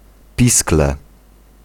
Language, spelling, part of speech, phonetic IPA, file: Polish, pisklę, noun, [ˈpʲisklɛ], Pl-pisklę.ogg